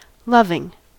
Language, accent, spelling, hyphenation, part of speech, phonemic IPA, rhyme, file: English, US, loving, lov‧ing, noun / adjective / verb, /ˈlʌv.ɪŋ/, -ʌvɪŋ, En-us-loving.ogg
- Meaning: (noun) The action of the verb to love; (adjective) 1. Expressing a large amount of love to other people; affectionate 2. Euphemistic form of fucking; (verb) present participle and gerund of love